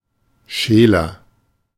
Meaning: 1. comparative degree of scheel 2. inflection of scheel: strong/mixed nominative masculine singular 3. inflection of scheel: strong genitive/dative feminine singular
- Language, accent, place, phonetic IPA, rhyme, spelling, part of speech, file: German, Germany, Berlin, [ˈʃeːlɐ], -eːlɐ, scheeler, adjective, De-scheeler.ogg